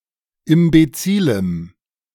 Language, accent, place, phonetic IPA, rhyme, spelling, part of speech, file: German, Germany, Berlin, [ɪmbeˈt͡siːləm], -iːləm, imbezilem, adjective, De-imbezilem.ogg
- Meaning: strong dative masculine/neuter singular of imbezil